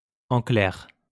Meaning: simply put, in brief
- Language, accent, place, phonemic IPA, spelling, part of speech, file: French, France, Lyon, /ɑ̃ klɛʁ/, en clair, adverb, LL-Q150 (fra)-en clair.wav